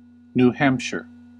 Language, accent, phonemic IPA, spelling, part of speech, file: English, US, /nuːˈhæmpʃɚ/, New Hampshire, proper noun, En-us-New Hampshire.ogg
- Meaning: A state of the United States